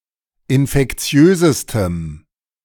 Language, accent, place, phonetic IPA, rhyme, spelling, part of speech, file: German, Germany, Berlin, [ɪnfɛkˈt͡si̯øːzəstəm], -øːzəstəm, infektiösestem, adjective, De-infektiösestem.ogg
- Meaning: strong dative masculine/neuter singular superlative degree of infektiös